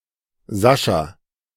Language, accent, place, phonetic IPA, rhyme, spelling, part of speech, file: German, Germany, Berlin, [ˈzaʃa], -aʃa, Sascha, proper noun, De-Sascha.ogg
- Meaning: 1. a female given name from Russian 2. a male given name from Russian